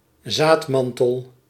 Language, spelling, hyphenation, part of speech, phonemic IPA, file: Dutch, zaadmantel, zaad‧man‧tel, noun, /ˈzaːtˌmɑn.təl/, Nl-zaadmantel.ogg
- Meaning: aril (tissue surrounding the seed in certain fruits)